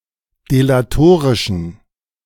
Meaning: inflection of delatorisch: 1. strong genitive masculine/neuter singular 2. weak/mixed genitive/dative all-gender singular 3. strong/weak/mixed accusative masculine singular 4. strong dative plural
- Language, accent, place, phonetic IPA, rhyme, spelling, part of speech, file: German, Germany, Berlin, [delaˈtoːʁɪʃn̩], -oːʁɪʃn̩, delatorischen, adjective, De-delatorischen.ogg